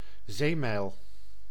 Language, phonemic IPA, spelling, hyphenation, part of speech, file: Dutch, /ˈzeː.mɛi̯l/, zeemijl, zee‧mijl, noun, Nl-zeemijl.ogg
- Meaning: nautical mile